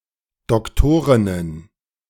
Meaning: plural of Doktorin
- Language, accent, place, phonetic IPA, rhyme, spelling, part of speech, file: German, Germany, Berlin, [dɔkˈtoːʁɪnən], -oːʁɪnən, Doktorinnen, noun, De-Doktorinnen.ogg